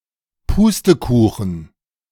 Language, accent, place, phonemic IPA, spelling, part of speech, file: German, Germany, Berlin, /ˈpuːstəˌkuːxən/, Pustekuchen, interjection, De-Pustekuchen.ogg
- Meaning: no way!, not gonna happen!, forget about it!